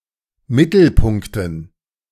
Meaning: dative plural of Mittelpunkt
- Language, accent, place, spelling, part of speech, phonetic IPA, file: German, Germany, Berlin, Mittelpunkten, noun, [ˈmɪtl̩ˌpʊŋktn̩], De-Mittelpunkten.ogg